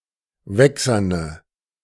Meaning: inflection of wächsern: 1. strong/mixed nominative/accusative feminine singular 2. strong nominative/accusative plural 3. weak nominative all-gender singular
- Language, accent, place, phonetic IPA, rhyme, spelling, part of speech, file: German, Germany, Berlin, [ˈvɛksɐnə], -ɛksɐnə, wächserne, adjective, De-wächserne.ogg